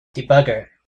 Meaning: A computer program that helps the user to test and debug other programs, by enabling their step-by-step execution controlled by the user, setting of breakpoints, and monitoring values of variables
- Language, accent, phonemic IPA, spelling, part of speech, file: English, US, /diˈbʌɡəɹ/, debugger, noun, En-us-debugger.ogg